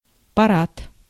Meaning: 1. parade 2. parade: military parade
- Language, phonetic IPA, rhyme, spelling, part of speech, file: Russian, [pɐˈrat], -at, парад, noun, Ru-парад.ogg